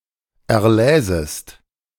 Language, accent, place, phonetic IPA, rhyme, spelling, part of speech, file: German, Germany, Berlin, [ɛɐ̯ˈlɛːzəst], -ɛːzəst, erläsest, verb, De-erläsest.ogg
- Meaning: second-person singular subjunctive II of erlesen